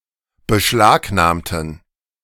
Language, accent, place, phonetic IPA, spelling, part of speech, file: German, Germany, Berlin, [bəˈʃlaːkˌnaːmtn̩], beschlagnahmten, adjective / verb, De-beschlagnahmten.ogg
- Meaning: inflection of beschlagnahmen: 1. first/third-person plural preterite 2. first/third-person plural subjunctive II